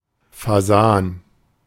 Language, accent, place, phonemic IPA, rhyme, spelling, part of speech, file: German, Germany, Berlin, /faˈzaːn/, -aːn, Fasan, noun, De-Fasan.ogg
- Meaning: pheasant (Phasianus colchicus)